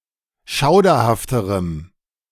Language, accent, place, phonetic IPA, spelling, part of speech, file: German, Germany, Berlin, [ˈʃaʊ̯dɐhaftəʁəm], schauderhafterem, adjective, De-schauderhafterem.ogg
- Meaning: strong dative masculine/neuter singular comparative degree of schauderhaft